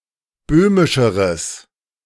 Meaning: strong/mixed nominative/accusative neuter singular comparative degree of böhmisch
- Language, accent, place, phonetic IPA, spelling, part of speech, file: German, Germany, Berlin, [ˈbøːmɪʃəʁəs], böhmischeres, adjective, De-böhmischeres.ogg